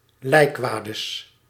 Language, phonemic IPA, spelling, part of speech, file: Dutch, /ˈlɛikwadəs/, lijkwades, noun, Nl-lijkwades.ogg
- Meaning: plural of lijkwade